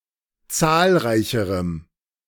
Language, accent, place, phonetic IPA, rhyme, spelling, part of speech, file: German, Germany, Berlin, [ˈt͡saːlˌʁaɪ̯çəʁəm], -aːlʁaɪ̯çəʁəm, zahlreicherem, adjective, De-zahlreicherem.ogg
- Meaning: strong dative masculine/neuter singular comparative degree of zahlreich